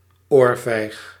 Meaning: a box, cuff on the ear, a painful smack on the side of the face with a flat hand
- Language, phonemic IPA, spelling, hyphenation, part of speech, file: Dutch, /ˈoːr.vɛi̯x/, oorvijg, oor‧vijg, noun, Nl-oorvijg.ogg